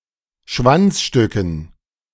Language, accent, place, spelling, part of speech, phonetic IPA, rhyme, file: German, Germany, Berlin, Schwanzstücken, noun, [ˈʃvant͡sˌʃtʏkn̩], -ant͡sʃtʏkn̩, De-Schwanzstücken.ogg
- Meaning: dative plural of Schwanzstück